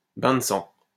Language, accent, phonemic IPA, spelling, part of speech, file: French, France, /bɛ̃ d(ə) sɑ̃/, bain de sang, noun, LL-Q150 (fra)-bain de sang.wav
- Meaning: bloodbath, bloodshed